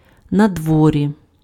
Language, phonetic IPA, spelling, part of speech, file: Ukrainian, [nɐdˈwɔrʲi], надворі, adverb, Uk-надворі.ogg
- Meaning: outside